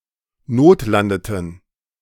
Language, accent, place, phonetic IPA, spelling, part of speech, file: German, Germany, Berlin, [ˈnoːtˌlandətn̩], notlandeten, verb, De-notlandeten.ogg
- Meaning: inflection of notlanden: 1. first/third-person plural preterite 2. first/third-person plural subjunctive II